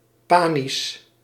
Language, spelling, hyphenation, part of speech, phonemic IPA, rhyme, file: Dutch, panisch, pa‧nisch, adjective, /ˈpaː.nis/, -aːnis, Nl-panisch.ogg
- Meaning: panic